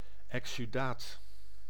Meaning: exudate
- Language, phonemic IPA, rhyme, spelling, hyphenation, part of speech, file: Dutch, /ˌɛk.syˈdaːt/, -aːt, exsudaat, ex‧su‧daat, noun, Nl-exsudaat.ogg